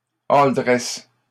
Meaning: deluxe, with pepperoni, mushrooms and green peppers: toute garnie
- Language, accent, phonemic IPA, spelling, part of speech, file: French, Canada, /ɔl.dʁɛst/, all dressed, adjective, LL-Q150 (fra)-all dressed.wav